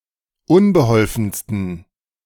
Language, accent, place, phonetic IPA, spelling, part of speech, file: German, Germany, Berlin, [ˈʊnbəˌhɔlfn̩stən], unbeholfensten, adjective, De-unbeholfensten.ogg
- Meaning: 1. superlative degree of unbeholfen 2. inflection of unbeholfen: strong genitive masculine/neuter singular superlative degree